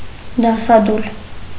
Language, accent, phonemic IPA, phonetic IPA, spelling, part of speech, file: Armenian, Eastern Armenian, /dɑsɑˈdul/, [dɑsɑdúl], դասադուլ, noun, Hy-դասադուլ.ogg
- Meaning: student strike